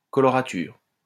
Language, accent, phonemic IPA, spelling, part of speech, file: French, France, /kɔ.lɔ.ʁa.tyʁ/, colorature, adjective / noun, LL-Q150 (fra)-colorature.wav
- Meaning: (adjective) coloratura